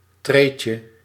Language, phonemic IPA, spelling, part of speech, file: Dutch, /ˈtrecə/, treetje, noun, Nl-treetje.ogg
- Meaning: diminutive of tree